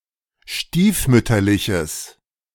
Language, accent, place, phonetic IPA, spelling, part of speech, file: German, Germany, Berlin, [ˈʃtiːfˌmʏtɐlɪçəs], stiefmütterliches, adjective, De-stiefmütterliches.ogg
- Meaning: strong/mixed nominative/accusative neuter singular of stiefmütterlich